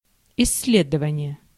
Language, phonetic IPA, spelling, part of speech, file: Russian, [ɪs⁽ʲ⁾ːˈlʲedəvənʲɪje], исследование, noun, Ru-исследование.ogg
- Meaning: 1. research, study 2. exploration, investigation 3. analysis 4. research paper, study